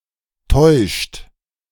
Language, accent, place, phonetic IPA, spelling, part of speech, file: German, Germany, Berlin, [tɔɪ̯ʃt], täuscht, verb, De-täuscht.ogg
- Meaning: inflection of täuschen: 1. third-person singular present 2. second-person plural present 3. plural imperative